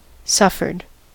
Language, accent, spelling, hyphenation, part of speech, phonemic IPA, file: English, US, suffered, suf‧fered, verb, /ˈsʌfɚd/, En-us-suffered.ogg
- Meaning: simple past and past participle of suffer